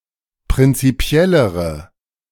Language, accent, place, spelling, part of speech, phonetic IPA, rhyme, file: German, Germany, Berlin, prinzipiellere, adjective, [pʁɪnt͡siˈpi̯ɛləʁə], -ɛləʁə, De-prinzipiellere.ogg
- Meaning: inflection of prinzipiell: 1. strong/mixed nominative/accusative feminine singular comparative degree 2. strong nominative/accusative plural comparative degree